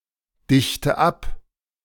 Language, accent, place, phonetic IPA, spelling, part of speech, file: German, Germany, Berlin, [ˌdɪçtə ˈap], dichte ab, verb, De-dichte ab.ogg
- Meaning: inflection of abdichten: 1. first-person singular present 2. first/third-person singular subjunctive I 3. singular imperative